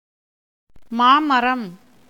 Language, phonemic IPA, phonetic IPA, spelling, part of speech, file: Tamil, /mɑːmɐɾɐm/, [mäːmɐɾɐm], மாமரம், noun, Ta-மாமரம்.ogg
- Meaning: mango tree